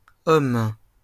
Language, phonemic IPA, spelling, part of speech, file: French, /ɔm/, hommes, noun, LL-Q150 (fra)-hommes.wav
- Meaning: plural of homme